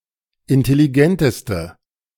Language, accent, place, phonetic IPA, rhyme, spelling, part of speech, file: German, Germany, Berlin, [ɪntɛliˈɡɛntəstə], -ɛntəstə, intelligenteste, adjective, De-intelligenteste.ogg
- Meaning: inflection of intelligent: 1. strong/mixed nominative/accusative feminine singular superlative degree 2. strong nominative/accusative plural superlative degree